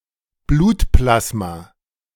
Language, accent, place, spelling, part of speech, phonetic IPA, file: German, Germany, Berlin, Blutplasma, noun, [ˈbluːtˌplasma], De-Blutplasma.ogg
- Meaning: blood plasma